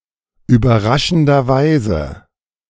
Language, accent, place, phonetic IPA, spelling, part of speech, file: German, Germany, Berlin, [yːbɐˈʁaʃn̩dɐˌvaɪ̯zə], überraschenderweise, adverb, De-überraschenderweise.ogg
- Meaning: surprisingly